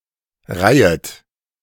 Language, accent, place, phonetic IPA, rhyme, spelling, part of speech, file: German, Germany, Berlin, [ˈʁaɪ̯ət], -aɪ̯ət, reihet, verb, De-reihet.ogg
- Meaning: second-person plural subjunctive I of reihen